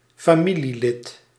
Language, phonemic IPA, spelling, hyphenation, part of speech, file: Dutch, /faːˈmi.liˌlɪt/, familielid, fa‧mi‧lie‧lid, noun, Nl-familielid.ogg
- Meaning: relative, family member